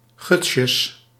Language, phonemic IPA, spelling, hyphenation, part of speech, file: Dutch, /ˈɣʏt.sjəs/, gutsjes, guts‧jes, noun, Nl-gutsjes.ogg
- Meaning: plural of gutsje